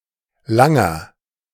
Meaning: inflection of lang: 1. strong/mixed nominative masculine singular 2. strong genitive/dative feminine singular 3. strong genitive plural
- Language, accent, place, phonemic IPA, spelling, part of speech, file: German, Germany, Berlin, /ˈlaŋɐ/, langer, adjective, De-langer.ogg